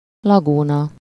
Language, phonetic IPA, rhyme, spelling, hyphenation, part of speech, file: Hungarian, [ˈlɒɡuːnɒ], -nɒ, lagúna, la‧gú‧na, noun, Hu-lagúna.ogg
- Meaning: lagoon